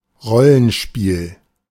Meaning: roleplaying game (type of game in which the players assume the role of a character)
- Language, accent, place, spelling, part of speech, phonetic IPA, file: German, Germany, Berlin, Rollenspiel, noun, [ˈʁɔlənˌʃpiːl], De-Rollenspiel.ogg